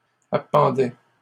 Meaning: first/second-person singular imperfect indicative of appendre
- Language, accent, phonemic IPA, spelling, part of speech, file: French, Canada, /a.pɑ̃.dɛ/, appendais, verb, LL-Q150 (fra)-appendais.wav